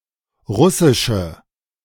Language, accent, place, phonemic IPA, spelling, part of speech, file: German, Germany, Berlin, /ˈʁʊsɪʃə/, russische, adjective, De-russische.ogg
- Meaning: inflection of russisch: 1. strong/mixed nominative/accusative feminine singular 2. strong nominative/accusative plural 3. weak nominative all-gender singular